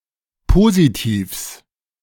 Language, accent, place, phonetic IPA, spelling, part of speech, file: German, Germany, Berlin, [ˈpoːzitiːfs], Positivs, noun, De-Positivs.ogg
- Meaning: genitive singular of Positiv